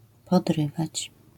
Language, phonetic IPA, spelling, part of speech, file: Polish, [pɔdˈrɨvat͡ɕ], podrywać, verb, LL-Q809 (pol)-podrywać.wav